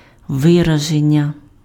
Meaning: verbal noun of ви́разити pf (výrazyty): expression, expressing
- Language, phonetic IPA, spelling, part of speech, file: Ukrainian, [ˈʋɪrɐʒenʲːɐ], вираження, noun, Uk-вираження.ogg